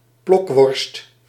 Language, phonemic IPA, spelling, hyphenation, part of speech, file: Dutch, /ˈplɔk.ʋɔrst/, plokworst, plok‧worst, noun, Nl-plokworst.ogg
- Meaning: a seasoned and smoked sausage made from pork and beef, similar to cervelat and salami